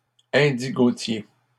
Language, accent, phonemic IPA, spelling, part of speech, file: French, Canada, /ɛ̃.di.ɡo.tje/, indigotiers, noun, LL-Q150 (fra)-indigotiers.wav
- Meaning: plural of indigotier